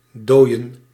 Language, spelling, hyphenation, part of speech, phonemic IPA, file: Dutch, dooien, dooi‧en, verb / noun, /ˈdoːi̯ə(n)/, Nl-dooien.ogg
- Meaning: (verb) to thaw, to melt; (noun) plural of dooie